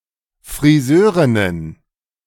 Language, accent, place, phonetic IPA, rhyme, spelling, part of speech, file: German, Germany, Berlin, [fʁiˈzøːʁɪnən], -øːʁɪnən, Friseurinnen, noun, De-Friseurinnen.ogg
- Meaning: plural of Friseurin